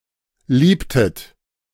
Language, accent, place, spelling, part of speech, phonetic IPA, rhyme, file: German, Germany, Berlin, liebtet, verb, [ˈliːptət], -iːptət, De-liebtet.ogg
- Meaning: inflection of lieben: 1. second-person plural preterite 2. second-person plural subjunctive II